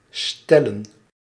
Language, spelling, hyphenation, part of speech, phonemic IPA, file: Dutch, stellen, stel‧len, verb / noun, /ˈstɛ.lə(n)/, Nl-stellen.ogg
- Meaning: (verb) 1. to position; place 2. to state, to put forward (a question or problem) 3. to suppose (commonly as an imperative and followed by a clause beginning with dat)